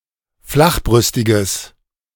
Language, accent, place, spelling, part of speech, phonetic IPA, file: German, Germany, Berlin, flachbrüstiges, adjective, [ˈflaxˌbʁʏstɪɡəs], De-flachbrüstiges.ogg
- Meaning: strong/mixed nominative/accusative neuter singular of flachbrüstig